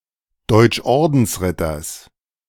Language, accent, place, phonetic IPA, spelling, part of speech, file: German, Germany, Berlin, [dɔɪ̯t͡ʃˈʔɔʁdn̩sˌʁɪtɐs], Deutschordensritters, noun, De-Deutschordensritters.ogg
- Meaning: genitive singular of Deutschordensritter